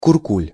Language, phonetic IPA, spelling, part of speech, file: Russian, [kʊrˈkulʲ], куркуль, noun, Ru-куркуль.ogg
- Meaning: 1. miser, moneygrubber, penny pincher, cheapskate 2. kurkul (a prosperous peasant in the Russian Empire or the Soviet Union)